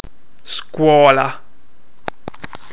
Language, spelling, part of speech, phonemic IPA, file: Italian, scuola, noun, /ˈskwɔla/, It-scuola.oga